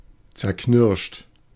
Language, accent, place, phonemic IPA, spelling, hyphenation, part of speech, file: German, Germany, Berlin, /t͡sɛɐ̯ˈknɪʁʃt/, zerknirscht, zer‧knirscht, verb / adjective, De-zerknirscht.ogg
- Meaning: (verb) past participle of zerknirschen (“to crush”); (adjective) contrite, hangdog